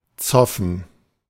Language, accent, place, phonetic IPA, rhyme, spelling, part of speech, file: German, Germany, Berlin, [ˈt͡sɔfn̩], -ɔfn̩, zoffen, verb, De-zoffen.ogg
- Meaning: to bicker